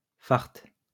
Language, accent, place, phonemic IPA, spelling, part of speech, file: French, France, Lyon, /faʁ/, fart, noun, LL-Q150 (fra)-fart.wav
- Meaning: wax (for skis)